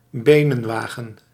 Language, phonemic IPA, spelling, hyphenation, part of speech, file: Dutch, /ˈbeː.nə(n)ˌʋaː.ɣə(n)/, benenwagen, be‧nen‧wa‧gen, noun, Nl-benenwagen.ogg
- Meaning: shanks' pony; the feet or legs as a form of transport